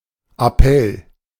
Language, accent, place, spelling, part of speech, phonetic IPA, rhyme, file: German, Germany, Berlin, Appell, noun, [aˈpɛl], -ɛl, De-Appell.ogg
- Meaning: 1. parade, muster 2. appeal, roll call